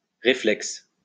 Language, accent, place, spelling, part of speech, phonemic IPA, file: French, France, Lyon, réflexe, noun / adjective, /ʁe.flɛks/, LL-Q150 (fra)-réflexe.wav
- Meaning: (noun) reflex